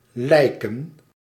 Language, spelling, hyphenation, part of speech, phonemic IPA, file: Dutch, lijken, lij‧ken, verb / noun, /ˈlɛi̯kə(n)/, Nl-lijken.ogg
- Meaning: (verb) 1. to seem, appear 2. to look like, resemble (depict well what it is intended to) 3. to please; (noun) plural of lijk